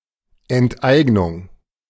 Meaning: expropriation
- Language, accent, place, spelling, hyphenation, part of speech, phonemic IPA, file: German, Germany, Berlin, Enteignung, Ent‧eig‧nung, noun, /ˌɛntˈʔaɪ̯ɡnʊŋ/, De-Enteignung.ogg